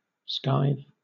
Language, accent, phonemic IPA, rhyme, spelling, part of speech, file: English, Southern England, /ˈskaɪv/, -aɪv, skive, verb / noun, LL-Q1860 (eng)-skive.wav
- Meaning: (verb) To avoid one's lessons or work (chiefly at school or university); shirk; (noun) 1. Something very easy, where one can slack off without penalty 2. An act of avoiding lessons or work